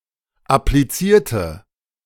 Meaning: inflection of appliziert: 1. strong/mixed nominative/accusative feminine singular 2. strong nominative/accusative plural 3. weak nominative all-gender singular
- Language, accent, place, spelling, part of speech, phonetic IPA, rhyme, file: German, Germany, Berlin, applizierte, adjective / verb, [apliˈt͡siːɐ̯tə], -iːɐ̯tə, De-applizierte.ogg